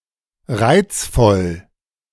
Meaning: delightful, charming, lovely
- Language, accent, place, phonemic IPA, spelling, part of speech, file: German, Germany, Berlin, /ˈʁaɪ̯t͡sˌfɔl/, reizvoll, adjective, De-reizvoll.ogg